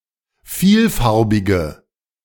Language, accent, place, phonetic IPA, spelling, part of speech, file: German, Germany, Berlin, [ˈfiːlˌfaʁbɪɡə], vielfarbige, adjective, De-vielfarbige.ogg
- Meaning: inflection of vielfarbig: 1. strong/mixed nominative/accusative feminine singular 2. strong nominative/accusative plural 3. weak nominative all-gender singular